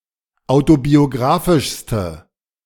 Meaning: inflection of autobiographisch: 1. strong/mixed nominative/accusative feminine singular superlative degree 2. strong nominative/accusative plural superlative degree
- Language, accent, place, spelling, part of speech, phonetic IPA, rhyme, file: German, Germany, Berlin, autobiographischste, adjective, [ˌaʊ̯tobioˈɡʁaːfɪʃstə], -aːfɪʃstə, De-autobiographischste.ogg